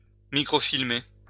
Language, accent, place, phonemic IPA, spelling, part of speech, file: French, France, Lyon, /mi.kʁɔ.fil.me/, microfilmer, verb, LL-Q150 (fra)-microfilmer.wav
- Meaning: to microfilm